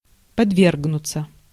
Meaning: passive of подве́ргнуть (podvérgnutʹ), to be subjected, to undergo, to be exposed
- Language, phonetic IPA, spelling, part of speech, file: Russian, [pɐdˈvʲerɡnʊt͡sə], подвергнуться, verb, Ru-подвергнуться.ogg